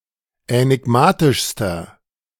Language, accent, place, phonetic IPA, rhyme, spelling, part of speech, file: German, Germany, Berlin, [ɛnɪˈɡmaːtɪʃstɐ], -aːtɪʃstɐ, änigmatischster, adjective, De-änigmatischster.ogg
- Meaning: inflection of änigmatisch: 1. strong/mixed nominative masculine singular superlative degree 2. strong genitive/dative feminine singular superlative degree 3. strong genitive plural superlative degree